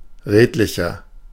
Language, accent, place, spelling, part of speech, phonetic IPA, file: German, Germany, Berlin, redlicher, adjective, [ˈʁeːtlɪçɐ], De-redlicher.ogg
- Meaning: 1. comparative degree of redlich 2. inflection of redlich: strong/mixed nominative masculine singular 3. inflection of redlich: strong genitive/dative feminine singular